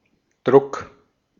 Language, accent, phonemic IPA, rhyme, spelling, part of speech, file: German, Austria, /dʁʊk/, -ʊk, Druck, noun, De-at-Druck.ogg
- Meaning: 1. pressure 2. fix (drug injection) 3. print, printing (the process of printing) 4. print (a piece created by such a process)